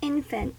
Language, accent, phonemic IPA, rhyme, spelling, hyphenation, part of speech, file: English, US, /ˈɪn.fənt/, -ɪnfənt, infant, in‧fant, noun / adjective / verb, En-us-infant.ogg
- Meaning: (noun) 1. A very young human being, from birth to somewhere between six months and two years of age after birth, needing almost constant care and attention 2. A minor